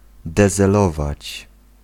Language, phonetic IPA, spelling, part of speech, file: Polish, [ˌdɛzɛˈlɔvat͡ɕ], dezelować, verb, Pl-dezelować.ogg